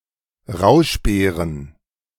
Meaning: plural of Rauschbeere
- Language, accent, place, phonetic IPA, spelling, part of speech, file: German, Germany, Berlin, [ˈʁaʊ̯ʃˌbeːʁən], Rauschbeeren, noun, De-Rauschbeeren.ogg